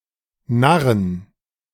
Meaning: 1. plural of Narr 2. genitive of Narr
- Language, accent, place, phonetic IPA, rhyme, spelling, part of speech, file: German, Germany, Berlin, [ˈnaʁən], -aʁən, Narren, noun, De-Narren.ogg